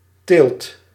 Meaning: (noun) 1. cultivation, culture (plants) 2. breeding, raising (animals); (verb) inflection of telen: 1. second/third-person singular present indicative 2. plural imperative
- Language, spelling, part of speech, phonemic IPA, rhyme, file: Dutch, teelt, noun / verb, /teːlt/, -eːlt, Nl-teelt.ogg